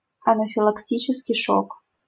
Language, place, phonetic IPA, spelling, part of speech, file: Russian, Saint Petersburg, [ɐnəfʲɪɫɐkˈtʲit͡ɕɪskʲɪj ˈʂok], анафилактический шок, noun, LL-Q7737 (rus)-анафилактический шок.wav
- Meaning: anaphylactic shock (severe allergic reaction)